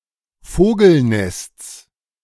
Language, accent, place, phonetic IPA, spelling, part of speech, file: German, Germany, Berlin, [ˈfoːɡl̩ˌnɛst͡s], Vogelnests, noun, De-Vogelnests.ogg
- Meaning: genitive singular of Vogelnest